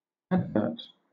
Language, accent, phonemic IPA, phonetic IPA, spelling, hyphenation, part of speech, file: English, Southern England, /ˈædvɜːt/, [ˈædvɜːt], advert, ad‧vert, noun, LL-Q1860 (eng)-advert.wav
- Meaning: An advertisement, an ad